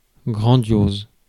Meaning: grandiose
- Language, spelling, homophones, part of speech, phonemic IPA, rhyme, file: French, grandiose, grandioses, adjective, /ɡʁɑ̃.djoz/, -oz, Fr-grandiose.ogg